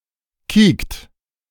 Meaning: inflection of kieken: 1. second-person plural present 2. third-person singular present 3. plural imperative
- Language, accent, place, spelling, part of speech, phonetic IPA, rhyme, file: German, Germany, Berlin, kiekt, verb, [kiːkt], -iːkt, De-kiekt.ogg